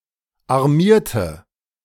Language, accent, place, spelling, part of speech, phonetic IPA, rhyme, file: German, Germany, Berlin, armierte, adjective / verb, [aʁˈmiːɐ̯tə], -iːɐ̯tə, De-armierte.ogg
- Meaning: inflection of armieren: 1. first/third-person singular preterite 2. first/third-person singular subjunctive II